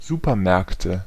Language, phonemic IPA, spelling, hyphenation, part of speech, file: German, /ˈzuːpɐˌmɛʁktə/, Supermärkte, Su‧per‧märk‧te, noun, De-Supermärkte.ogg
- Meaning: nominative/accusative/genitive plural of Supermarkt